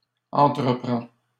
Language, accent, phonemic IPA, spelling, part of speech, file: French, Canada, /ɑ̃.tʁə.pʁɑ̃/, entreprend, verb, LL-Q150 (fra)-entreprend.wav
- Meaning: third-person singular present indicative of entreprendre